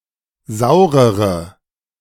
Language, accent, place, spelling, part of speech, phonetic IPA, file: German, Germany, Berlin, saurere, adjective, [ˈzaʊ̯ʁəʁə], De-saurere.ogg
- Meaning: inflection of sauer: 1. strong/mixed nominative/accusative feminine singular comparative degree 2. strong nominative/accusative plural comparative degree